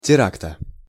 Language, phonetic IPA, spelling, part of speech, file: Russian, [tʲɪˈraktə], теракта, noun, Ru-теракта.ogg
- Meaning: genitive singular of тера́кт (terákt)